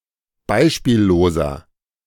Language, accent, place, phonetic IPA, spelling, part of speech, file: German, Germany, Berlin, [ˈbaɪ̯ʃpiːlloːzɐ], beispielloser, adjective, De-beispielloser.ogg
- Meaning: 1. comparative degree of beispiellos 2. inflection of beispiellos: strong/mixed nominative masculine singular 3. inflection of beispiellos: strong genitive/dative feminine singular